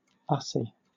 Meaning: A selfie of a group of people
- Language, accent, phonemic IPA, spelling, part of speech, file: English, Southern England, /ˈʌsi/, usie, noun, LL-Q1860 (eng)-usie.wav